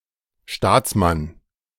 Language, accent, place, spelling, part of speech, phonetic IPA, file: German, Germany, Berlin, Staatsmann, noun, [ˈʃtaːt͡sˌman], De-Staatsmann.ogg
- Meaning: statesman